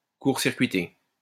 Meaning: 1. to short circuit 2. to bypass
- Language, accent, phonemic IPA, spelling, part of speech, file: French, France, /kuʁ.siʁ.kɥi.te/, court-circuiter, verb, LL-Q150 (fra)-court-circuiter.wav